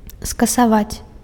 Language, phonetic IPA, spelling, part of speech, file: Belarusian, [skasaˈvat͡sʲ], скасаваць, verb, Be-скасаваць.ogg
- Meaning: to abolish, to cancel